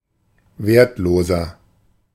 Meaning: 1. comparative degree of wertlos 2. inflection of wertlos: strong/mixed nominative masculine singular 3. inflection of wertlos: strong genitive/dative feminine singular
- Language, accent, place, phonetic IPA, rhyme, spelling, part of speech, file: German, Germany, Berlin, [ˈveːɐ̯tˌloːzɐ], -eːɐ̯tloːzɐ, wertloser, adjective, De-wertloser.ogg